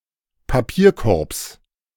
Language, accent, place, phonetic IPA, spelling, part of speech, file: German, Germany, Berlin, [paˈpiːɐ̯ˌkɔʁps], Papierkorbs, noun, De-Papierkorbs.ogg
- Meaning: genitive singular of Papierkorb